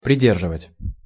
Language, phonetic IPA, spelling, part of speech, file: Russian, [prʲɪˈdʲerʐɨvətʲ], придерживать, verb, Ru-придерживать.ogg
- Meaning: to hold, to hold back